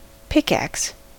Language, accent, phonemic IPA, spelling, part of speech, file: English, US, /ˈpɪkˌæks/, pickaxe, noun / verb, En-us-pickaxe.ogg
- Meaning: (noun) A heavy iron tool with a wooden handle; one end of the head is pointed, the other has a chisel edge; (verb) To use a pickaxe